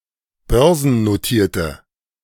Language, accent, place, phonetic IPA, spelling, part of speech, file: German, Germany, Berlin, [ˈbœʁzn̩noˌtiːɐ̯tə], börsennotierte, adjective, De-börsennotierte.ogg
- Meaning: inflection of börsennotiert: 1. strong/mixed nominative/accusative feminine singular 2. strong nominative/accusative plural 3. weak nominative all-gender singular